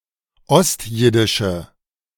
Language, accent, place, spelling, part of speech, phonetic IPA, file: German, Germany, Berlin, ostjiddische, adjective, [ˈɔstˌjɪdɪʃə], De-ostjiddische.ogg
- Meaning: inflection of ostjiddisch: 1. strong/mixed nominative/accusative feminine singular 2. strong nominative/accusative plural 3. weak nominative all-gender singular